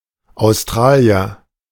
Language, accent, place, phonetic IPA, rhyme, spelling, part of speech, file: German, Germany, Berlin, [aʊ̯sˈtʁaːli̯ɐ], -aːli̯ɐ, Australier, noun, De-Australier.ogg
- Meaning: person from Australia, an Australian